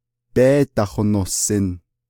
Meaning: second-person plural imperfective of yééhósin
- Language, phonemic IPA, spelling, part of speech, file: Navajo, /péːtɑ̀hònòhsɪ̀n/, béédahonohsin, verb, Nv-béédahonohsin.ogg